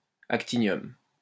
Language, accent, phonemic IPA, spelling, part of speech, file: French, France, /ak.ti.njɔm/, actinium, noun, LL-Q150 (fra)-actinium.wav
- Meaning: actinium